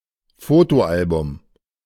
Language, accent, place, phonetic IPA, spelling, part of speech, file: German, Germany, Berlin, [ˈfoːtoˌʔalbʊm], Fotoalbum, noun, De-Fotoalbum.ogg
- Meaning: photo album